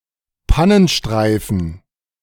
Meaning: hard shoulder, emergency lane
- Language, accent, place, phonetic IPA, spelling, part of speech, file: German, Germany, Berlin, [ˈpanənˌʃtʁaɪ̯fn̩], Pannenstreifen, noun, De-Pannenstreifen.ogg